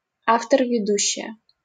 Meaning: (verb) nominative feminine singular of веду́щий (vedúščij); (noun) female equivalent of веду́щий (vedúščij): female host, anchorwoman, narrator
- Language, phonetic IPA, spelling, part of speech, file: Russian, [vʲɪˈduɕːɪjə], ведущая, verb / adjective / noun, LL-Q7737 (rus)-ведущая.wav